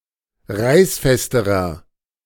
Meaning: inflection of reißfest: 1. strong/mixed nominative masculine singular comparative degree 2. strong genitive/dative feminine singular comparative degree 3. strong genitive plural comparative degree
- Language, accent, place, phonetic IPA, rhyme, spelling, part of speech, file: German, Germany, Berlin, [ˈʁaɪ̯sˌfɛstəʁɐ], -aɪ̯sfɛstəʁɐ, reißfesterer, adjective, De-reißfesterer.ogg